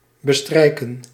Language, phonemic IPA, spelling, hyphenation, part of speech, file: Dutch, /bəˈstrɛi̯kə(n)/, bestrijken, be‧strij‧ken, verb, Nl-bestrijken.ogg
- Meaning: 1. to smear, spread 2. to cover, to be spread across 3. to reach, to cover (a location or distance)